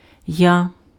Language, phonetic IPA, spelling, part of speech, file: Ukrainian, [ja], я, character / pronoun, Uk-я.ogg
- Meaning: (character) The thirty-third letter of the Ukrainian alphabet, called я (ja) and written in the Cyrillic script; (pronoun) 1. I (first-person singular subject pronoun) 2. ego